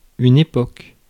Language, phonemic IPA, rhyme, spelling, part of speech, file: French, /e.pɔk/, -ɔk, époque, adjective / noun, Fr-époque.ogg
- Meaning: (adjective) vintage; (noun) 1. epoch 2. time (time period)